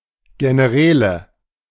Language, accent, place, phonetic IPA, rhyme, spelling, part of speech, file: German, Germany, Berlin, [ɡenəˈʁɛːlə], -ɛːlə, Generäle, noun, De-Generäle.ogg
- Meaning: nominative/accusative/genitive plural of General